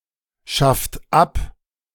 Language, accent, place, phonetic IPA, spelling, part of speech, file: German, Germany, Berlin, [ˌʃaft ˈap], schafft ab, verb, De-schafft ab.ogg
- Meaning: inflection of abschaffen: 1. second-person plural present 2. third-person singular present 3. plural imperative